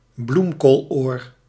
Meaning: cauliflower ear
- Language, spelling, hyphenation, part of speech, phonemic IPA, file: Dutch, bloemkooloor, bloem‧kool‧oor, noun, /ˈblum.koːlˌoːr/, Nl-bloemkooloor.ogg